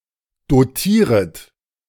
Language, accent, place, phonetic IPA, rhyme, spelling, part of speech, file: German, Germany, Berlin, [doˈtiːʁət], -iːʁət, dotieret, verb, De-dotieret.ogg
- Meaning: second-person plural subjunctive I of dotieren